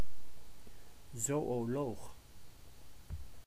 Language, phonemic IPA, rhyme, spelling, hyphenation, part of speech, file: Dutch, /ˌzoː.oːˈloːx/, -oːx, zoöloog, zoö‧loog, noun, Nl-zoöloog.ogg
- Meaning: a zoologist, biologist specialised in the animal kingdom